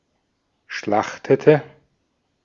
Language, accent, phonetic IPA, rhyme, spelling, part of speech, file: German, Austria, [ˈʃlaxtətə], -axtətə, schlachtete, verb, De-at-schlachtete.ogg
- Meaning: inflection of schlachten: 1. first/third-person singular preterite 2. first/third-person singular subjunctive II